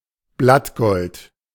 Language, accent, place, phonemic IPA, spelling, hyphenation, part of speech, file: German, Germany, Berlin, /ˈblatˌɡɔlt/, Blattgold, Blatt‧gold, noun, De-Blattgold.ogg
- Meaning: gold leaf (beaten gold)